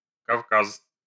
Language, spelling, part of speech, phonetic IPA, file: Russian, Кавказ, proper noun, [kɐfˈkas], Ru-Кавказ.ogg
- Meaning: Caucasus (a region in Eurasia)